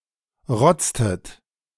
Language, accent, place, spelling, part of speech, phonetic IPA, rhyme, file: German, Germany, Berlin, rotztet, verb, [ˈʁɔt͡stət], -ɔt͡stət, De-rotztet.ogg
- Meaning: inflection of rotzen: 1. second-person plural preterite 2. second-person plural subjunctive II